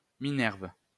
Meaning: Minerva (god)
- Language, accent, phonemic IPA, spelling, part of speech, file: French, France, /mi.nɛʁv/, Minerve, proper noun, LL-Q150 (fra)-Minerve.wav